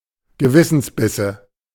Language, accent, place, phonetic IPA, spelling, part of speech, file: German, Germany, Berlin, [ɡəˈvɪsn̩sˌbɪsə], Gewissensbisse, noun, De-Gewissensbisse.ogg
- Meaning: nominative/accusative/genitive plural of Gewissensbiss